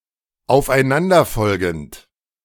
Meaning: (verb) present participle of aufeinanderfolgen; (adjective) consecutive, one after another
- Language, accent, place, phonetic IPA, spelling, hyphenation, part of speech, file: German, Germany, Berlin, [aʊ̯fʔaɪ̯ˈnandɐˌfɔlɡn̩t], aufeinanderfolgend, auf‧ei‧n‧an‧der‧fol‧gend, verb / adjective, De-aufeinanderfolgend.ogg